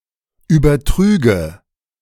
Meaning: first/third-person singular subjunctive II of übertragen
- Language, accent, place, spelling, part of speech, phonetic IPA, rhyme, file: German, Germany, Berlin, übertrüge, verb, [ˌyːbɐˈtʁyːɡə], -yːɡə, De-übertrüge.ogg